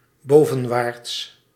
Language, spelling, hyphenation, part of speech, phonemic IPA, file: Dutch, bovenwaarts, bo‧ven‧waarts, adverb, /ˈboː.və(n)ˌʋaːrt/, Nl-bovenwaarts.ogg
- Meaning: upwards